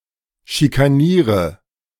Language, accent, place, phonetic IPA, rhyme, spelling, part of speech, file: German, Germany, Berlin, [ʃikaˈniːʁə], -iːʁə, schikaniere, verb, De-schikaniere.ogg
- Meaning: inflection of schikanieren: 1. first-person singular present 2. singular imperative 3. first/third-person singular subjunctive I